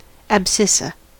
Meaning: The first of the two terms by which a point is referred to, in a system of fixed rectilinear coordinate (Cartesian coordinate) axes
- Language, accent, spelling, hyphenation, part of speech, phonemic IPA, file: English, US, abscissa, ab‧scis‧sa, noun, /æbˈsɪs.ə/, En-us-abscissa.ogg